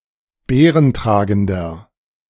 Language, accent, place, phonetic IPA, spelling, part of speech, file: German, Germany, Berlin, [ˈbeːʁənˌtʁaːɡn̩dɐ], beerentragender, adjective, De-beerentragender.ogg
- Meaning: inflection of beerentragend: 1. strong/mixed nominative masculine singular 2. strong genitive/dative feminine singular 3. strong genitive plural